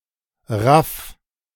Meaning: 1. singular imperative of raffen 2. first-person singular present of raffen
- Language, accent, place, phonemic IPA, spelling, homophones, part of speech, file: German, Germany, Berlin, /ʁaf/, raff, RAF, verb, De-raff.ogg